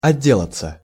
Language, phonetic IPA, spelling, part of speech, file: Russian, [ɐˈdʲːeɫət͡sə], отделаться, verb, Ru-отделаться.ogg
- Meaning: 1. to get rid (of), to get away (from), to throw off, to shake off, to be through (with), to finish (with) 2. to escape (with), to get away (with), to get off (with)